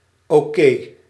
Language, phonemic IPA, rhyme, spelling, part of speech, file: Dutch, /oːˈkeː/, -eː, oké, adjective / interjection, Nl-oké.ogg
- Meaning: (adjective) 1. okay, correct, acceptable, satisfactory 2. good; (interjection) OK